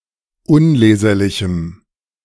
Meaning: strong dative masculine/neuter singular of unleserlich
- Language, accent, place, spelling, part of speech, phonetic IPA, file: German, Germany, Berlin, unleserlichem, adjective, [ˈʊnˌleːzɐlɪçm̩], De-unleserlichem.ogg